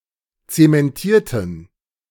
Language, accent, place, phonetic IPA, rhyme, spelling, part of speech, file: German, Germany, Berlin, [ˌt͡semɛnˈtiːɐ̯tn̩], -iːɐ̯tn̩, zementierten, adjective / verb, De-zementierten.ogg
- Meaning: inflection of zementieren: 1. first/third-person plural preterite 2. first/third-person plural subjunctive II